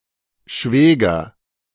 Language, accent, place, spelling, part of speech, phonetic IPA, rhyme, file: German, Germany, Berlin, Schwäger, noun, [ˈʃvɛːɡɐ], -ɛːɡɐ, De-Schwäger.ogg
- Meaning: nominative/accusative/genitive plural of Schwager